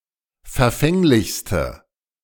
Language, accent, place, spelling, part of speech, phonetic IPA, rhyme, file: German, Germany, Berlin, verfänglichste, adjective, [fɛɐ̯ˈfɛŋlɪçstə], -ɛŋlɪçstə, De-verfänglichste.ogg
- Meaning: inflection of verfänglich: 1. strong/mixed nominative/accusative feminine singular superlative degree 2. strong nominative/accusative plural superlative degree